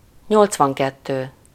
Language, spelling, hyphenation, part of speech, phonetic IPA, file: Hungarian, nyolcvankettő, nyolc‧van‧ket‧tő, numeral, [ˈɲolt͡svɒŋkɛtːøː], Hu-nyolcvankettő.ogg
- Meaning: eighty-two